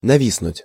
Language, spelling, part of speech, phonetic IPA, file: Russian, нависнуть, verb, [nɐˈvʲisnʊtʲ], Ru-нависнуть.ogg
- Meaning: to hang over (something)